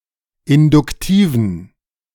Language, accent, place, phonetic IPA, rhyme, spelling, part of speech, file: German, Germany, Berlin, [ɪndʊkˈtiːvn̩], -iːvn̩, induktiven, adjective, De-induktiven.ogg
- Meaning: inflection of induktiv: 1. strong genitive masculine/neuter singular 2. weak/mixed genitive/dative all-gender singular 3. strong/weak/mixed accusative masculine singular 4. strong dative plural